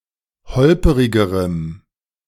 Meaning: strong dative masculine/neuter singular comparative degree of holperig
- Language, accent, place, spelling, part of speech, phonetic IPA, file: German, Germany, Berlin, holperigerem, adjective, [ˈhɔlpəʁɪɡəʁəm], De-holperigerem.ogg